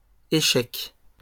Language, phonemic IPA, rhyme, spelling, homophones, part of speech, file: French, /e.ʃɛk/, -ɛk, échecs, échec, noun, LL-Q150 (fra)-échecs.wav
- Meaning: 1. plural of échec 2. chess